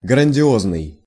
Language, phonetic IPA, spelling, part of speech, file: Russian, [ɡrənʲdʲɪˈoznɨj], грандиозный, adjective, Ru-грандиозный.ogg
- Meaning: grandiose (large and impressive, in size, scope or extent)